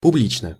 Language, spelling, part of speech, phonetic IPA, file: Russian, публично, adverb / adjective, [pʊˈblʲit͡ɕnə], Ru-публично.ogg
- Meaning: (adverb) openly, overtly, publicly, candidly, frankly; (adjective) short neuter singular of публи́чный (publíčnyj)